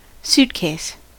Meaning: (noun) A large (usually rectangular) piece of luggage used for carrying clothes, and sometimes suits, when travelling
- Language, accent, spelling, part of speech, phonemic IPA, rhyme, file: English, US, suitcase, noun / verb, /ˈsutkeɪs/, -uːtkeɪs, En-us-suitcase.ogg